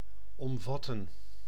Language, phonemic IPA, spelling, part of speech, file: Dutch, /ɔmˈvɑtə(n)/, omvatten, verb, Nl-omvatten.ogg
- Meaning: 1. to envelop, encompass 2. to include